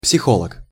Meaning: psychologist
- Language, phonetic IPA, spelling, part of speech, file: Russian, [psʲɪˈxoɫək], психолог, noun, Ru-психолог.ogg